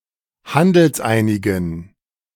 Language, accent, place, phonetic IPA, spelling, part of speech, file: German, Germany, Berlin, [ˈhandl̩sˌʔaɪ̯nɪɡn̩], handelseinigen, adjective, De-handelseinigen.ogg
- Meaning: inflection of handelseinig: 1. strong genitive masculine/neuter singular 2. weak/mixed genitive/dative all-gender singular 3. strong/weak/mixed accusative masculine singular 4. strong dative plural